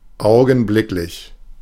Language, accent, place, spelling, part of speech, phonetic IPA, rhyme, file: German, Germany, Berlin, augenblicklich, adjective, [ˌaʊ̯ɡn̩ˈblɪklɪç], -ɪklɪç, De-augenblicklich.ogg
- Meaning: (adjective) 1. immediate 2. present; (adverb) immediately